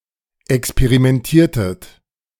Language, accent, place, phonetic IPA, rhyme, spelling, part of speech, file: German, Germany, Berlin, [ɛkspeʁimɛnˈtiːɐ̯tət], -iːɐ̯tət, experimentiertet, verb, De-experimentiertet.ogg
- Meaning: inflection of experimentieren: 1. second-person plural preterite 2. second-person plural subjunctive II